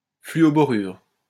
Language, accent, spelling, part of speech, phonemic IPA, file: French, France, fluoborure, noun, /fly.ɔ.bɔ.ʁyʁ/, LL-Q150 (fra)-fluoborure.wav
- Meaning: fluoboride, borofluoride